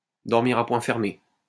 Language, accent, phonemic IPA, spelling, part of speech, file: French, France, /dɔʁ.miʁ a pwɛ̃ fɛʁ.me/, dormir à poings fermés, verb, LL-Q150 (fra)-dormir à poings fermés.wav
- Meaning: to sleep like a baby, to sleep the sleep of the just